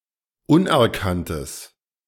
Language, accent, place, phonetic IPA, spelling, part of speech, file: German, Germany, Berlin, [ˈʊnʔɛɐ̯ˌkantəs], unerkanntes, adjective, De-unerkanntes.ogg
- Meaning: strong/mixed nominative/accusative neuter singular of unerkannt